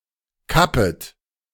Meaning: second-person plural subjunctive I of kappen
- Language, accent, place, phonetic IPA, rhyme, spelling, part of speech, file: German, Germany, Berlin, [ˈkapət], -apət, kappet, verb, De-kappet.ogg